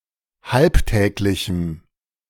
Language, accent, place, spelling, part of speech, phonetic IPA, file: German, Germany, Berlin, halbtäglichem, adjective, [ˈhalpˌtɛːklɪçm̩], De-halbtäglichem.ogg
- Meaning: strong dative masculine/neuter singular of halbtäglich